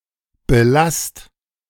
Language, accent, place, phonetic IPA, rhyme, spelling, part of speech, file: German, Germany, Berlin, [bəˈlast], -ast, belasst, verb, De-belasst.ogg
- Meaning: inflection of belassen: 1. second-person plural present 2. plural imperative